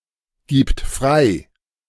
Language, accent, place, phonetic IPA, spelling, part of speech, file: German, Germany, Berlin, [ˌɡiːpt ˈfʁaɪ̯], gibt frei, verb, De-gibt frei.ogg
- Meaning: third-person singular present of freigeben